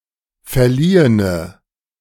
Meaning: inflection of verliehen: 1. strong/mixed nominative/accusative feminine singular 2. strong nominative/accusative plural 3. weak nominative all-gender singular
- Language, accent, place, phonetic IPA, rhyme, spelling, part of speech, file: German, Germany, Berlin, [fɛɐ̯ˈliːənə], -iːənə, verliehene, adjective, De-verliehene.ogg